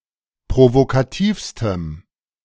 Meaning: strong dative masculine/neuter singular superlative degree of provokativ
- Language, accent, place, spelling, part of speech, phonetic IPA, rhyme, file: German, Germany, Berlin, provokativstem, adjective, [pʁovokaˈtiːfstəm], -iːfstəm, De-provokativstem.ogg